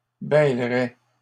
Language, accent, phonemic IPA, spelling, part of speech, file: French, Canada, /bɛl.ʁɛ/, bêlerait, verb, LL-Q150 (fra)-bêlerait.wav
- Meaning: third-person singular conditional of bêler